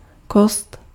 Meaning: 1. bone (any of the components of an endoskeleton, made of bone) 2. girl, woman
- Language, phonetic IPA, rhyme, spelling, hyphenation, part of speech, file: Czech, [ˈkost], -ost, kost, kost, noun, Cs-kost.ogg